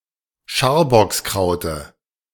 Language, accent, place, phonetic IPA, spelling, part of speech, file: German, Germany, Berlin, [ˈʃaːɐ̯bɔksˌkʁaʊ̯tə], Scharbockskraute, noun, De-Scharbockskraute.ogg
- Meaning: dative of Scharbockskraut